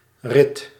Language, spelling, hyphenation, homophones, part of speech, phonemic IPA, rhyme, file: Dutch, rit, rit, Rith, noun / verb, /rɪt/, -ɪt, Nl-rit.ogg
- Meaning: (noun) 1. a ride on a mount (animal) or man-powered vehicle 2. a drive in an animal-drawn or motorized vehicle 3. a stage or lap as part of a long tour or journey